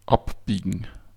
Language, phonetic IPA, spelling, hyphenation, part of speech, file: German, [ˈapbiːɡn̩], abbiegen, ab‧bie‧gen, verb, De-abbiegen.ogg
- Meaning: 1. to turn, to turn off 2. to bend, to turn (of a road, street, path, etc.) 3. to fold (metal) 4. to head off, to stave off 5. to branch off